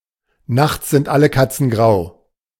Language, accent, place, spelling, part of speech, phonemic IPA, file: German, Germany, Berlin, nachts sind alle Katzen grau, proverb, /ˈnaxts zɪnt ˌalə ˌkatsən ˈɡʁaʊ̯/, De-nachts sind alle Katzen grau.ogg
- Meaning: differences that are normally clearly noticeable may become blurred under certain circumstances; all cats are grey in the dark